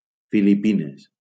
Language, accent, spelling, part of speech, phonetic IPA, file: Catalan, Valencia, Filipines, proper noun, [fi.liˈpi.nes], LL-Q7026 (cat)-Filipines.wav
- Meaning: Philippines (a country in Southeast Asia)